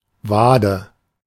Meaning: calf (of the leg)
- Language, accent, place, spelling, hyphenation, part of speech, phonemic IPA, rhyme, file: German, Germany, Berlin, Wade, Wa‧de, noun, /ˈvaːdə/, -aːdə, De-Wade.ogg